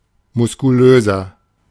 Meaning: inflection of muskulös: 1. strong/mixed nominative masculine singular 2. strong genitive/dative feminine singular 3. strong genitive plural
- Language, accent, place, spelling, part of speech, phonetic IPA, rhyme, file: German, Germany, Berlin, muskulöser, adjective, [mʊskuˈløːzɐ], -øːzɐ, De-muskulöser.ogg